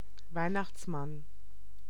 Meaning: 1. Santa Claus, Father Christmas 2. a fool, a stupid, naive and/or ridiculous person
- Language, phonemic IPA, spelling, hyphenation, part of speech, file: German, /ˈvaɪ̯.naxtsˌman/, Weihnachtsmann, Weih‧nachts‧mann, noun, De-Weihnachtsmann.ogg